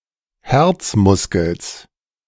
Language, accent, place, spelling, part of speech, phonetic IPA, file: German, Germany, Berlin, Herzmuskels, noun, [ˈhɛʁt͡sˌmʊskl̩s], De-Herzmuskels.ogg
- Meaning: genitive singular of Herzmuskel